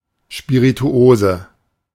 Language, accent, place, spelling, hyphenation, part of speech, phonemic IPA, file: German, Germany, Berlin, Spirituose, Spi‧ri‧tu‧o‧se, noun, /ʃpiʁituˈoːzə/, De-Spirituose.ogg
- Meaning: spirit (distilled alcoholic beverage)